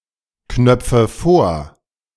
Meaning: inflection of vorknöpfen: 1. first-person singular present 2. first/third-person singular subjunctive I 3. singular imperative
- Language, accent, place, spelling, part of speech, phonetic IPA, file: German, Germany, Berlin, knöpfe vor, verb, [ˌknœp͡fə ˈfoːɐ̯], De-knöpfe vor.ogg